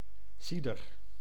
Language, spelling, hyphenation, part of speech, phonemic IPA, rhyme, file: Dutch, cider, ci‧der, noun, /ˈsi.dər/, -idər, Nl-cider.ogg
- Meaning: cider